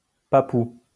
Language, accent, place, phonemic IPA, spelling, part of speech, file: French, France, Lyon, /pa.pu/, papou, adjective, LL-Q150 (fra)-papou.wav
- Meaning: Papuan